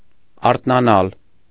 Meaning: to wake up, awake
- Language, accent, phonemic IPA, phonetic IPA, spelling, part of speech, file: Armenian, Eastern Armenian, /ɑɾtʰnɑˈnɑl/, [ɑɾtʰnɑnɑ́l], արթնանալ, verb, Hy-արթնանալ.ogg